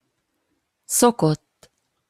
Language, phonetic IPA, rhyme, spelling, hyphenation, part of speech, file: Hungarian, [ˈsokotː], -otː, szokott, szo‧kott, verb / adjective, Hu-szokott.opus
- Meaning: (verb) third-person singular indicative past indefinite of szokik: 1. in a past-tense sense (with a noun) 2. in a present-tense sense, expressing a habit (with the infinitive of a verb)